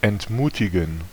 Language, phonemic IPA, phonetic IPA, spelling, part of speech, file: German, /ˌɛntˈmuːtɪɡən/, [ˌʔɛntˈmuːtʰɪɡŋ̍], entmutigen, verb, De-entmutigen.ogg
- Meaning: to discourage (to take away or reduce the courage of)